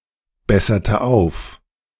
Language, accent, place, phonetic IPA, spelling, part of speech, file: German, Germany, Berlin, [ˌbɛsɐtə ˈaʊ̯f], besserte auf, verb, De-besserte auf.ogg
- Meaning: inflection of aufbessern: 1. first/third-person singular preterite 2. first/third-person singular subjunctive II